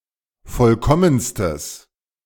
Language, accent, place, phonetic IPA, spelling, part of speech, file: German, Germany, Berlin, [ˈfɔlkɔmənstəs], vollkommenstes, adjective, De-vollkommenstes.ogg
- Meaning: strong/mixed nominative/accusative neuter singular superlative degree of vollkommen